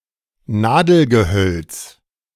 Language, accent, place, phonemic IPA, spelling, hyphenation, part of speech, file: German, Germany, Berlin, /ˈnaːdəlɡəˌhœlt͡s/, Nadelgehölz, Na‧del‧ge‧hölz, noun, De-Nadelgehölz.ogg
- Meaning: coniferous tree or shrub